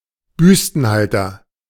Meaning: brassiere
- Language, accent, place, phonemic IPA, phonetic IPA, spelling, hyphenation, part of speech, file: German, Germany, Berlin, /ˈbʏstənhaltər/, [ˈbʏstn̩haltɐ], Büstenhalter, Büs‧ten‧hal‧ter, noun, De-Büstenhalter.ogg